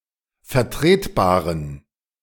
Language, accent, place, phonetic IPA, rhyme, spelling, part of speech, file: German, Germany, Berlin, [fɛɐ̯ˈtʁeːtˌbaːʁən], -eːtbaːʁən, vertretbaren, adjective, De-vertretbaren.ogg
- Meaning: inflection of vertretbar: 1. strong genitive masculine/neuter singular 2. weak/mixed genitive/dative all-gender singular 3. strong/weak/mixed accusative masculine singular 4. strong dative plural